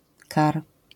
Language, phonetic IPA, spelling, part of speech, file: Polish, [kar], kar, noun, LL-Q809 (pol)-kar.wav